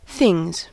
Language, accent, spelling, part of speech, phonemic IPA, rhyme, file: English, US, things, noun / verb, /ˈθɪŋz/, -ɪŋz, En-us-things.ogg
- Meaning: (noun) 1. plural of thing 2. One's clothes, furniture, luggage, or possessions collectively; stuff 3. The general state of affairs in a given context, e.g. one's relationship